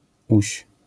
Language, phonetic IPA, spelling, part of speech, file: Polish, [uɕ], -uś, suffix, LL-Q809 (pol)--uś.wav